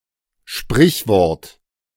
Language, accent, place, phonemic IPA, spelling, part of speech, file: German, Germany, Berlin, /ˈʃpʁɪçˌvɔʁt/, Sprichwort, noun, De-Sprichwort.ogg
- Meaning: saying, proverb, adage, maxim (phrase)